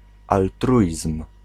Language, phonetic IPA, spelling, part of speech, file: Polish, [alˈtruʲism̥], altruizm, noun, Pl-altruizm.ogg